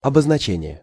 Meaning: designation
- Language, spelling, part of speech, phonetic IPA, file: Russian, обозначение, noun, [ɐbəznɐˈt͡ɕenʲɪje], Ru-обозначение.ogg